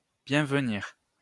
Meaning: to welcome
- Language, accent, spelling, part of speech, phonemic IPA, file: French, France, bienvenir, verb, /bjɛ̃v.niʁ/, LL-Q150 (fra)-bienvenir.wav